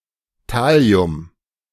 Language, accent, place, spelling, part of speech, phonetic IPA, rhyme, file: German, Germany, Berlin, Thallium, noun, [ˈtali̯ʊm], -ali̯ʊm, De-Thallium.ogg
- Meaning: thallium